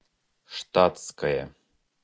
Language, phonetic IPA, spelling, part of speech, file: Russian, [ˈʂtat͡skəjə], штатское, adjective / noun, Ru-штатское.ogg
- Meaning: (adjective) nominative/accusative neuter singular of шта́тский (štátskij); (noun) civilian clothing